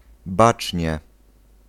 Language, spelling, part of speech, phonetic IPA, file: Polish, bacznie, adverb, [ˈbat͡ʃʲɲɛ], Pl-bacznie.ogg